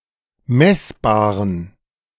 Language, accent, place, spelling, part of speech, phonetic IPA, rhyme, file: German, Germany, Berlin, messbaren, adjective, [ˈmɛsbaːʁən], -ɛsbaːʁən, De-messbaren.ogg
- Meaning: inflection of messbar: 1. strong genitive masculine/neuter singular 2. weak/mixed genitive/dative all-gender singular 3. strong/weak/mixed accusative masculine singular 4. strong dative plural